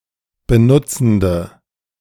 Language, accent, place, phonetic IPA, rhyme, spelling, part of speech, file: German, Germany, Berlin, [bəˈnʊt͡sn̩də], -ʊt͡sn̩də, benutzende, adjective, De-benutzende.ogg
- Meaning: inflection of benutzend: 1. strong/mixed nominative/accusative feminine singular 2. strong nominative/accusative plural 3. weak nominative all-gender singular